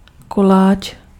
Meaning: kolach (type of pastry)
- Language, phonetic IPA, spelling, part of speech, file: Czech, [ˈkolaːt͡ʃ], koláč, noun, Cs-koláč.ogg